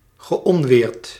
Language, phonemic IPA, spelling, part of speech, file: Dutch, /ɣəˈʔɔnʋɪːrt/, geonweerd, verb, Nl-geonweerd.ogg
- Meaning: past participle of onweren